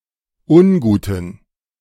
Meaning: inflection of ungut: 1. strong genitive masculine/neuter singular 2. weak/mixed genitive/dative all-gender singular 3. strong/weak/mixed accusative masculine singular 4. strong dative plural
- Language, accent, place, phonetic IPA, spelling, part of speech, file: German, Germany, Berlin, [ˈʊnˌɡuːtn̩], unguten, adjective, De-unguten.ogg